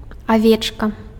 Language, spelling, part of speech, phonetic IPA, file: Belarusian, авечка, noun, [aˈvʲet͡ʂka], Be-авечка.ogg
- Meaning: sheep